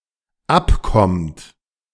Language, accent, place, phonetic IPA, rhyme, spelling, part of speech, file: German, Germany, Berlin, [ˈapˌkɔmt], -apkɔmt, abkommt, verb, De-abkommt.ogg
- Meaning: inflection of abkommen: 1. third-person singular dependent present 2. second-person plural dependent present